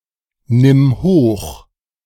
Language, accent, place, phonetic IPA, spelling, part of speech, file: German, Germany, Berlin, [ˌnɪm ˈhoːx], nimm hoch, verb, De-nimm hoch.ogg
- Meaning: singular imperative of hochnehmen